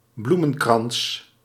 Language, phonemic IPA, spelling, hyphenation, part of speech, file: Dutch, /ˈblu.mə(n)ˌkrɑns/, bloemenkrans, bloe‧men‧krans, noun, Nl-bloemenkrans.ogg
- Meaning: a flower wreath